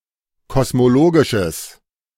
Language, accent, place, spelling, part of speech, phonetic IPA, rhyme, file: German, Germany, Berlin, kosmologisches, adjective, [kɔsmoˈloːɡɪʃəs], -oːɡɪʃəs, De-kosmologisches.ogg
- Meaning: strong/mixed nominative/accusative neuter singular of kosmologisch